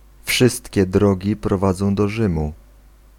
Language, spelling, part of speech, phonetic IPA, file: Polish, wszystkie drogi prowadzą do Rzymu, proverb, [ˈfʃɨstʲcɛ ˈdrɔɟi prɔˈvad͡zɔ̃w̃ dɔ‿ˈʒɨ̃mu], Pl-wszystkie drogi prowadzą do Rzymu.ogg